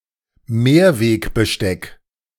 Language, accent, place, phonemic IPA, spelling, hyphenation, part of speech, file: German, Germany, Berlin, /ˈmeːɐ̯veːkbəˌʃtɛk/, Mehrwegbesteck, Mehr‧weg‧be‧steck, noun, De-Mehrwegbesteck.ogg
- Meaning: reusable cutlery